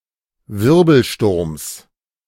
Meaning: genitive singular of Wirbelsturm
- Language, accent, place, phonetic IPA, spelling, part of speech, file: German, Germany, Berlin, [ˈvɪʁbl̩ˌʃtʊʁms], Wirbelsturms, noun, De-Wirbelsturms.ogg